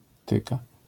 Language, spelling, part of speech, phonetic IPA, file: Polish, tyka, noun / verb, [ˈtɨka], LL-Q809 (pol)-tyka.wav